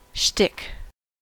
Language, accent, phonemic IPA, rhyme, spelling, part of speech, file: English, US, /ʃtɪk/, -ɪk, shtick, noun, En-us-shtick.ogg
- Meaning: 1. A generally humorous routine 2. A characteristic trait or theme, especially in the way people or media present themselves 3. A gimmick